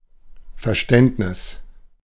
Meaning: 1. understanding, comprehension 2. sympathy 3. appreciation 4. insight
- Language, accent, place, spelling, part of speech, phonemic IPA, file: German, Germany, Berlin, Verständnis, noun, /fɛɐ̯ˈʃtɛntnɪs/, De-Verständnis.ogg